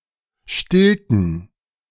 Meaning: inflection of stillen: 1. first/third-person plural preterite 2. first/third-person plural subjunctive II
- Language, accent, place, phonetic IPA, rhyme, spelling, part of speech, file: German, Germany, Berlin, [ˈʃtɪltn̩], -ɪltn̩, stillten, verb, De-stillten.ogg